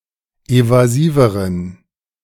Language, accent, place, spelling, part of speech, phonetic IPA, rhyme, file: German, Germany, Berlin, evasiveren, adjective, [ˌevaˈziːvəʁən], -iːvəʁən, De-evasiveren.ogg
- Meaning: inflection of evasiv: 1. strong genitive masculine/neuter singular comparative degree 2. weak/mixed genitive/dative all-gender singular comparative degree